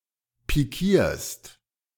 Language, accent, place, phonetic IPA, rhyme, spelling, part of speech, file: German, Germany, Berlin, [piˈkiːɐ̯st], -iːɐ̯st, pikierst, verb, De-pikierst.ogg
- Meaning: second-person singular present of pikieren